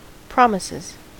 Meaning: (noun) plural of promise; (verb) third-person singular simple present indicative of promise
- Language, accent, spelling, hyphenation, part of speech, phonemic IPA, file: English, US, promises, prom‧is‧es, noun / verb, /ˈpɹɑmɪsɪz/, En-us-promises.ogg